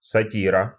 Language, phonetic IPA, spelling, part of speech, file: Russian, [sɐˈtʲirə], сатира, noun, Ru-сатира.ogg
- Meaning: 1. satire 2. genitive/accusative singular of сати́р (satír)